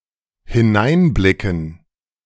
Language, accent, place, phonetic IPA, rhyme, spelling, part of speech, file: German, Germany, Berlin, [hɪˈnaɪ̯nˌblɪkn̩], -aɪ̯nblɪkn̩, hineinblicken, verb, De-hineinblicken.ogg
- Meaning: to look in